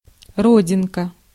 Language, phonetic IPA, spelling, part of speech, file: Russian, [ˈrodʲɪnkə], родинка, noun, Ru-родинка.ogg
- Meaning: birthmark, mole, melanism, nevus (naevus) (dark spot on the skin)